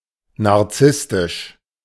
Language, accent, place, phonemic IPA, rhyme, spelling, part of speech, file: German, Germany, Berlin, /naʁˈt͡sɪstɪʃ/, -ɪstɪʃ, narzisstisch, adjective, De-narzisstisch.ogg
- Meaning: narcissistic